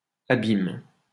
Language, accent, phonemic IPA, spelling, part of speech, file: French, France, /a.bim/, abyme, noun, LL-Q150 (fra)-abyme.wav
- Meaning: archaic form of abîme